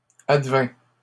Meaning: third-person singular imperfect subjunctive of advenir
- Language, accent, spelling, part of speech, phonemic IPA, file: French, Canada, advînt, verb, /ad.vɛ̃/, LL-Q150 (fra)-advînt.wav